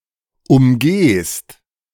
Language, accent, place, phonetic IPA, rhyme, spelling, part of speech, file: German, Germany, Berlin, [ʊmˈɡeːst], -eːst, umgehst, verb, De-umgehst.ogg
- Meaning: second-person singular present of umgehen